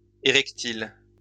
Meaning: erectile
- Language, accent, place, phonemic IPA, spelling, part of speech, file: French, France, Lyon, /e.ʁɛk.til/, érectile, adjective, LL-Q150 (fra)-érectile.wav